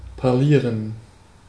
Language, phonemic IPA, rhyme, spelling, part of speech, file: German, /paʁˈliːʁən/, -iːʁən, parlieren, verb, De-parlieren.ogg
- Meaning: to chat